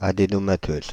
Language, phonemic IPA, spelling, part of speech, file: French, /a.de.nɔ.ma.tøz/, adénomateuse, adjective, Fr-adénomateuse.ogg
- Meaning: feminine singular of adénomateux